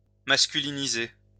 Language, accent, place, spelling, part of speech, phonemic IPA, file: French, France, Lyon, masculiniser, verb, /mas.ky.li.ni.ze/, LL-Q150 (fra)-masculiniser.wav
- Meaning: to masculinize (make (more) masculine)